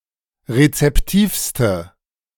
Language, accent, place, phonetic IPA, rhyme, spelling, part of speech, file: German, Germany, Berlin, [ʁet͡sɛpˈtiːfstə], -iːfstə, rezeptivste, adjective, De-rezeptivste.ogg
- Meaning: inflection of rezeptiv: 1. strong/mixed nominative/accusative feminine singular superlative degree 2. strong nominative/accusative plural superlative degree